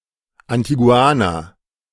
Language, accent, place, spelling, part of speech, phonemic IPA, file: German, Germany, Berlin, Antiguaner, noun, /antiˈɡu̯aːnɐ/, De-Antiguaner.ogg
- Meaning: Antiguan ([male or female] man from Antigua)